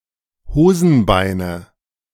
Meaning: nominative/accusative/genitive plural of Hosenbein
- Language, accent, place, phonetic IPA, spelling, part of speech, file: German, Germany, Berlin, [ˈhoːzn̩ˌbaɪ̯nə], Hosenbeine, noun, De-Hosenbeine.ogg